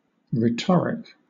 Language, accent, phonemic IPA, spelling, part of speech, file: English, Southern England, /ɹɪˈtɒɹɪk/, rhetoric, adjective, LL-Q1860 (eng)-rhetoric.wav
- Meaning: Synonym of rhetorical